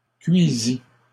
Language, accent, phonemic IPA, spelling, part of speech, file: French, Canada, /kɥi.zi/, cuisît, verb, LL-Q150 (fra)-cuisît.wav
- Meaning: third-person singular imperfect subjunctive of cuire